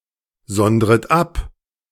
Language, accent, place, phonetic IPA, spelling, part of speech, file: German, Germany, Berlin, [ˌzɔndʁət ˈap], sondret ab, verb, De-sondret ab.ogg
- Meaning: second-person plural subjunctive I of absondern